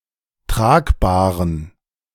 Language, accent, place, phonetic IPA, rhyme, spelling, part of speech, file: German, Germany, Berlin, [ˈtʁaːkˌbaːʁən], -aːkbaːʁən, Tragbahren, noun, De-Tragbahren.ogg
- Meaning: plural of Tragbahre